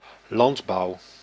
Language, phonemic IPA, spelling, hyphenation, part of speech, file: Dutch, /ˈlɑnt.bɑu̯/, landbouw, land‧bouw, noun, Nl-landbouw.ogg
- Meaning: agriculture